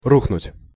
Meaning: 1. to collapse, to crash 2. to fall through, to crash, to fail
- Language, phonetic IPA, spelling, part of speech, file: Russian, [ˈruxnʊtʲ], рухнуть, verb, Ru-рухнуть.ogg